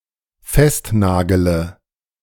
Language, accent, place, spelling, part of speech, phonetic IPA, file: German, Germany, Berlin, festnagele, verb, [ˈfɛstˌnaːɡələ], De-festnagele.ogg
- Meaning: inflection of festnageln: 1. first-person singular dependent present 2. first/third-person singular dependent subjunctive I